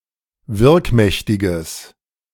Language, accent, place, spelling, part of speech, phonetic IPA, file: German, Germany, Berlin, wirkmächtiges, adjective, [ˈvɪʁkˌmɛçtɪɡəs], De-wirkmächtiges.ogg
- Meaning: strong/mixed nominative/accusative neuter singular of wirkmächtig